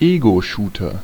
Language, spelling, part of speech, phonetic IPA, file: German, Ego-Shooter, noun, [ˈeːɡoˌʃuːtɐ], De-Ego-Shooter.ogg
- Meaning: first-person shooter